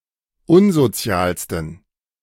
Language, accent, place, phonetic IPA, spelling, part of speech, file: German, Germany, Berlin, [ˈʊnzoˌt͡si̯aːlstn̩], unsozialsten, adjective, De-unsozialsten.ogg
- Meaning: 1. superlative degree of unsozial 2. inflection of unsozial: strong genitive masculine/neuter singular superlative degree